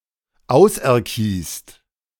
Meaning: second-person plural present of auserkiesen
- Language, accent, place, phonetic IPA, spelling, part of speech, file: German, Germany, Berlin, [ˈaʊ̯sʔɛɐ̯ˌkiːst], auserkiest, verb, De-auserkiest.ogg